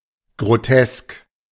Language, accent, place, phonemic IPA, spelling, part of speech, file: German, Germany, Berlin, /ɡʁoˈtɛsk/, grotesk, adjective, De-grotesk.ogg
- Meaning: grotesque; bizarre; zany; farcical